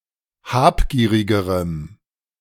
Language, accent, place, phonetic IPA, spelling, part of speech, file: German, Germany, Berlin, [ˈhaːpˌɡiːʁɪɡəʁəm], habgierigerem, adjective, De-habgierigerem.ogg
- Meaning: strong dative masculine/neuter singular comparative degree of habgierig